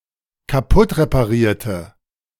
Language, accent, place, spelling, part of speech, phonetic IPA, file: German, Germany, Berlin, kaputtreparierte, adjective / verb, [kaˈpʊtʁepaˌʁiːɐ̯tə], De-kaputtreparierte.ogg
- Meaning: inflection of kaputtreparieren: 1. first/third-person singular dependent preterite 2. first/third-person singular dependent subjunctive II